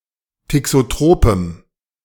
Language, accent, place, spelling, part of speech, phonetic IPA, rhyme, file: German, Germany, Berlin, thixotropem, adjective, [tɪksoˈtʁoːpəm], -oːpəm, De-thixotropem.ogg
- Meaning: strong dative masculine/neuter singular of thixotrop